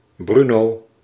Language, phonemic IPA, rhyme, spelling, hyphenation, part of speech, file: Dutch, /ˈbry.noː/, -ynoː, Bruno, Bru‧no, proper noun, Nl-Bruno.ogg
- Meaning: a male given name